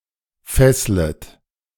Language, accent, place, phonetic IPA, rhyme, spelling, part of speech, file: German, Germany, Berlin, [ˈfɛslət], -ɛslət, fesslet, verb, De-fesslet.ogg
- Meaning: second-person plural subjunctive I of fesseln